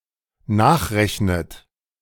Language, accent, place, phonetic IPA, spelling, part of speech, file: German, Germany, Berlin, [ˈnaːxˌʁɛçnət], nachrechnet, verb, De-nachrechnet.ogg
- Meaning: inflection of nachrechnen: 1. third-person singular dependent present 2. second-person plural dependent present 3. second-person plural dependent subjunctive I